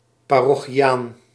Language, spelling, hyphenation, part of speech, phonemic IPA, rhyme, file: Dutch, parochiaan, pa‧ro‧chi‧aan, noun, /ˌpaː.rɔ.xiˈaːn/, -aːn, Nl-parochiaan.ogg
- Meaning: a parishioner, a member of a Catholic parish